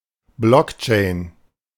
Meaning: blockchain
- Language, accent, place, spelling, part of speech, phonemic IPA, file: German, Germany, Berlin, Blockchain, noun, /ˈblɔkˌt͡ʃɛɪ̯n/, De-Blockchain.ogg